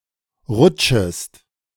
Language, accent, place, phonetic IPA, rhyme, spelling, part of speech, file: German, Germany, Berlin, [ˈʁʊt͡ʃəst], -ʊt͡ʃəst, rutschest, verb, De-rutschest.ogg
- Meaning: second-person singular subjunctive I of rutschen